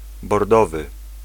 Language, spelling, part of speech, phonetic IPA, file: Polish, bordowy, adjective, [bɔrˈdɔvɨ], Pl-bordowy.ogg